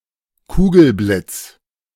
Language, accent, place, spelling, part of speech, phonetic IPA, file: German, Germany, Berlin, Kugelblitz, noun, [ˈkuːɡl̩ˌblɪt͡s], De-Kugelblitz.ogg
- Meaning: ball lightning